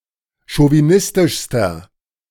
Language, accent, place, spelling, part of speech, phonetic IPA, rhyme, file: German, Germany, Berlin, chauvinistischster, adjective, [ʃoviˈnɪstɪʃstɐ], -ɪstɪʃstɐ, De-chauvinistischster.ogg
- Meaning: inflection of chauvinistisch: 1. strong/mixed nominative masculine singular superlative degree 2. strong genitive/dative feminine singular superlative degree